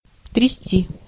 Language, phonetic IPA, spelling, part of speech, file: Russian, [trʲɪˈsʲtʲi], трясти, verb, Ru-трясти.ogg
- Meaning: 1. to shake 2. to jolt, to shake (of a vehicle, etc.) 3. to be shaking 4. to shake out